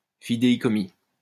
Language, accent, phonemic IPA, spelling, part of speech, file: French, France, /fi.de.i.kɔ.mi/, fidéicommis, noun, LL-Q150 (fra)-fidéicommis.wav
- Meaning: 1. fideicommissum 2. trust, living trust; trusteeship